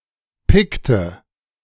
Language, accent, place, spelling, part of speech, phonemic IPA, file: German, Germany, Berlin, Pikte, noun, /ˈpɪktə/, De-Pikte.ogg
- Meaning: Pict (male or of unspecified sex) (member of the tribal group of the Picts)